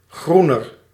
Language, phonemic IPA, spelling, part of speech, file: Dutch, /ˈɣru.nər/, groener, adjective, Nl-groener.ogg
- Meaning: comparative degree of groen